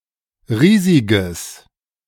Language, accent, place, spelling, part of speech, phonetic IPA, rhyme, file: German, Germany, Berlin, riesiges, adjective, [ˈʁiːzɪɡəs], -iːzɪɡəs, De-riesiges.ogg
- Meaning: strong/mixed nominative/accusative neuter singular of riesig